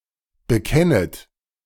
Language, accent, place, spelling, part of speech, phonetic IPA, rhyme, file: German, Germany, Berlin, bekennet, verb, [bəˈkɛnət], -ɛnət, De-bekennet.ogg
- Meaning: second-person plural subjunctive I of bekennen